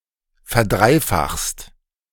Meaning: second-person singular present of verdreifachen
- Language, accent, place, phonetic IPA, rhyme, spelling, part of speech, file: German, Germany, Berlin, [fɛɐ̯ˈdʁaɪ̯ˌfaxst], -aɪ̯faxst, verdreifachst, verb, De-verdreifachst.ogg